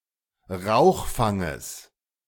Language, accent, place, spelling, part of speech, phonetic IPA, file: German, Germany, Berlin, Rauchfanges, noun, [ˈʁaʊ̯xˌfaŋəs], De-Rauchfanges.ogg
- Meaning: genitive singular of Rauchfang